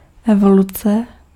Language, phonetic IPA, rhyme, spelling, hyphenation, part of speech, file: Czech, [ˈɛvolut͡sɛ], -utsɛ, evoluce, evo‧lu‧ce, noun, Cs-evoluce.ogg
- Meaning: evolution